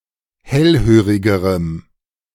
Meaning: strong dative masculine/neuter singular comparative degree of hellhörig
- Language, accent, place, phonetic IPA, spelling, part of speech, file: German, Germany, Berlin, [ˈhɛlˌhøːʁɪɡəʁəm], hellhörigerem, adjective, De-hellhörigerem.ogg